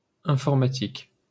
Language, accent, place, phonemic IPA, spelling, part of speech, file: French, France, Paris, /ɛ̃.fɔʁ.ma.tik/, informatique, noun / adjective, LL-Q150 (fra)-informatique.wav
- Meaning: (noun) 1. computer science 2. ICT (information and communications technology)